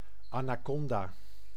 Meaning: anaconda, constrictor of the genus Eunectes
- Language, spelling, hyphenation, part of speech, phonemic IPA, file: Dutch, anaconda, ana‧con‧da, noun, /ˌaː.naːˈkɔn.daː/, Nl-anaconda.ogg